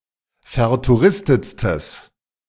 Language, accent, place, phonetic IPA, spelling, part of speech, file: German, Germany, Berlin, [fɛɐ̯tuˈʁɪstət͡stəs], vertouristetstes, adjective, De-vertouristetstes.ogg
- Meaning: strong/mixed nominative/accusative neuter singular superlative degree of vertouristet